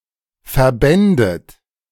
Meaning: second-person plural subjunctive II of verbinden
- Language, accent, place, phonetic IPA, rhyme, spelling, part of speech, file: German, Germany, Berlin, [fɛɐ̯ˈbɛndət], -ɛndət, verbändet, verb, De-verbändet.ogg